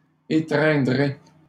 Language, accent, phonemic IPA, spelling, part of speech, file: French, Canada, /e.tʁɛ̃.dʁe/, étreindrai, verb, LL-Q150 (fra)-étreindrai.wav
- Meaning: first-person singular future of étreindre